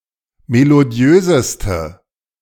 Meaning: inflection of melodiös: 1. strong/mixed nominative/accusative feminine singular superlative degree 2. strong nominative/accusative plural superlative degree
- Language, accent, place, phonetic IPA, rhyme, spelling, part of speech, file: German, Germany, Berlin, [meloˈdi̯øːzəstə], -øːzəstə, melodiöseste, adjective, De-melodiöseste.ogg